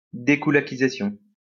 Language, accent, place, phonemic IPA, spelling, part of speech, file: French, France, Lyon, /de.ku.la.ki.za.sjɔ̃/, dékoulakisation, noun, LL-Q150 (fra)-dékoulakisation.wav
- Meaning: dekulakization